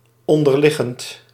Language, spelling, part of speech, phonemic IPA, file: Dutch, onderliggend, adjective / verb, /ˈɔndərˌlɪɣənt/, Nl-onderliggend.ogg
- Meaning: underlying